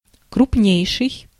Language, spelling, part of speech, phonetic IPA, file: Russian, крупнейший, adjective, [krʊpˈnʲejʂɨj], Ru-крупнейший.ogg
- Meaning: superlative degree of кру́пный (krúpnyj)